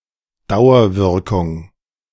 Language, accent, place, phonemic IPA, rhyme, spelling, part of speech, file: German, Germany, Berlin, /ˈdaʊ̯ɐvɪʁkʊŋ/, -ɪʁkʊŋ, Dauerwirkung, noun, De-Dauerwirkung.ogg
- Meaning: Long-term effect, a continuous or long-lasting influence